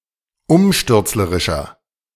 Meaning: 1. comparative degree of umstürzlerisch 2. inflection of umstürzlerisch: strong/mixed nominative masculine singular 3. inflection of umstürzlerisch: strong genitive/dative feminine singular
- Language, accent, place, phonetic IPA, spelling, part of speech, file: German, Germany, Berlin, [ˈʊmʃtʏʁt͡sləʁɪʃɐ], umstürzlerischer, adjective, De-umstürzlerischer.ogg